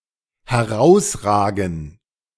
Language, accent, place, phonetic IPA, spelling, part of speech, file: German, Germany, Berlin, [hɛˈʁaʊ̯sˌʁaːɡn̩], herausragen, verb, De-herausragen.ogg
- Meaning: 1. to protrude, to stick out 2. to stand out